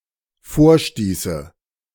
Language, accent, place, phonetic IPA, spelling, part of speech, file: German, Germany, Berlin, [ˈfoːɐ̯ˌʃtiːsə], vorstieße, verb, De-vorstieße.ogg
- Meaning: first/third-person singular dependent subjunctive II of vorstoßen